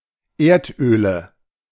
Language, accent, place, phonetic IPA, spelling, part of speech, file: German, Germany, Berlin, [ˈeːɐ̯tˌʔøːlə], Erdöle, noun, De-Erdöle.ogg
- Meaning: nominative/accusative/genitive plural of Erdöl